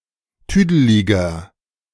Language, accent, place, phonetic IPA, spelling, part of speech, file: German, Germany, Berlin, [ˈtyːdəlɪɡɐ], tüdeliger, adjective, De-tüdeliger.ogg
- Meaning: 1. comparative degree of tüdelig 2. inflection of tüdelig: strong/mixed nominative masculine singular 3. inflection of tüdelig: strong genitive/dative feminine singular